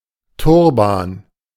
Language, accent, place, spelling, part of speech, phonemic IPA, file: German, Germany, Berlin, Turban, noun, /ˈtʊrbaːn/, De-Turban.ogg
- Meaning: turban